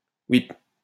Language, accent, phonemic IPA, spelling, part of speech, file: French, France, /wip̚/, ouip, interjection, LL-Q150 (fra)-ouip.wav
- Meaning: informal form of ouipe